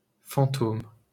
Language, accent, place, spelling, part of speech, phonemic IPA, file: French, France, Paris, fantôme, noun, /fɑ̃.tom/, LL-Q150 (fra)-fantôme.wav
- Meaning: ghost